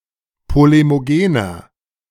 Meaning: 1. comparative degree of polemogen 2. inflection of polemogen: strong/mixed nominative masculine singular 3. inflection of polemogen: strong genitive/dative feminine singular
- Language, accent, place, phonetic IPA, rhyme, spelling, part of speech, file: German, Germany, Berlin, [ˌpolemoˈɡeːnɐ], -eːnɐ, polemogener, adjective, De-polemogener.ogg